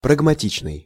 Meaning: 1. pragmatic, practical 2. pragmatic (in reference to the philosophy or theory of pragmatism)
- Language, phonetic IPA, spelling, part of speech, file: Russian, [prəɡmɐˈtʲit͡ɕnɨj], прагматичный, adjective, Ru-прагматичный.ogg